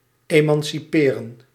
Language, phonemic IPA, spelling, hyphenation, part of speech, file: Dutch, /ˌeːmɑnsiˈpeːrə(n)/, emanciperen, eman‧ci‧pe‧ren, verb, Nl-emanciperen.ogg
- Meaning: to emancipate